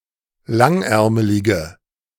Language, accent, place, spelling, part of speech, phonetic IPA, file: German, Germany, Berlin, langärmelige, adjective, [ˈlaŋˌʔɛʁməlɪɡə], De-langärmelige.ogg
- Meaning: inflection of langärmelig: 1. strong/mixed nominative/accusative feminine singular 2. strong nominative/accusative plural 3. weak nominative all-gender singular